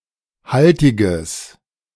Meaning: strong/mixed nominative/accusative neuter singular of haltig
- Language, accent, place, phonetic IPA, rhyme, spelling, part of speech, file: German, Germany, Berlin, [ˈhaltɪɡəs], -altɪɡəs, haltiges, adjective, De-haltiges.ogg